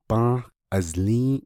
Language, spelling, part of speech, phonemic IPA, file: Navajo, bą́ą́h azlį́į́ʼ, verb, /pɑ̃́ːh ʔɑ̀zlĩ́ːʔ/, Nv-bą́ą́h azlį́į́ʼ.ogg
- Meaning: third-person singular perfective of bą́ą́h ílį́